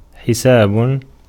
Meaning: 1. verbal noun of حَسَبَ (ḥasaba) (form I) 2. verbal noun of حَاسَبَ (ḥāsaba) (form III) 3. account 4. calculation 5. arithmetic 6. bill (invoice in a restaurant, etc.)
- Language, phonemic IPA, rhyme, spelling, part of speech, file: Arabic, /ħi.saːb/, -aːb, حساب, noun, Ar-حساب.ogg